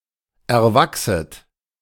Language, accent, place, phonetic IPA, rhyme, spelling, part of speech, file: German, Germany, Berlin, [ɛɐ̯ˈvaksət], -aksət, erwachset, verb, De-erwachset.ogg
- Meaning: second-person plural subjunctive I of erwachsen